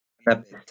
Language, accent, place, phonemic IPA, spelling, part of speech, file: French, France, Lyon, /a.na.pɛst/, anapeste, noun, LL-Q150 (fra)-anapeste.wav
- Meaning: anapest